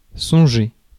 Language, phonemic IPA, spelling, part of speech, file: French, /sɔ̃.ʒe/, songer, verb, Fr-songer.ogg
- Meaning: 1. to dream 2. to think (about), consider (that) 3. to ponder, to imagine, to consider 4. to dream about 5. to be preoccupied by, with